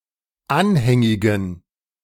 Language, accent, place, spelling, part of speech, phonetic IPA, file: German, Germany, Berlin, anhängigen, adjective, [ˈanhɛŋɪɡn̩], De-anhängigen.ogg
- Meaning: inflection of anhängig: 1. strong genitive masculine/neuter singular 2. weak/mixed genitive/dative all-gender singular 3. strong/weak/mixed accusative masculine singular 4. strong dative plural